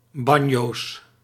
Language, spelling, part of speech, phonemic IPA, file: Dutch, banjo's, noun, /ˈbɑɲos/, Nl-banjo's.ogg
- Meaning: plural of banjo